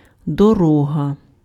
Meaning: road, way
- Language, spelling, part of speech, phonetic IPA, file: Ukrainian, дорога, noun, [dɔˈrɔɦɐ], Uk-дорога.ogg